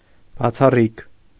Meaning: 1. exclusive 2. exceptional 3. unusual, uncommon
- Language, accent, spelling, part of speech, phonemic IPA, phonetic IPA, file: Armenian, Eastern Armenian, բացառիկ, adjective, /bɑt͡sʰɑˈrik/, [bɑt͡sʰɑrík], Hy-բացառիկ.ogg